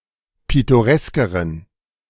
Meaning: inflection of pittoresk: 1. strong genitive masculine/neuter singular comparative degree 2. weak/mixed genitive/dative all-gender singular comparative degree
- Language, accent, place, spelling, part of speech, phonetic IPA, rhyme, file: German, Germany, Berlin, pittoreskeren, adjective, [ˌpɪtoˈʁɛskəʁən], -ɛskəʁən, De-pittoreskeren.ogg